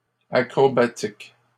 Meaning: plural of acrobatique
- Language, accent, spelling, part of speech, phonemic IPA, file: French, Canada, acrobatiques, adjective, /a.kʁɔ.ba.tik/, LL-Q150 (fra)-acrobatiques.wav